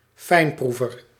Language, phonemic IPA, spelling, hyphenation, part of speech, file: Dutch, /ˈfɛi̯nˌpru.vər/, fijnproever, fijn‧proe‧ver, noun, Nl-fijnproever.ogg
- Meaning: 1. a food connoisseur, a gourmet (one who appreciate quality food) 2. a connoisseur (one with a refined taste)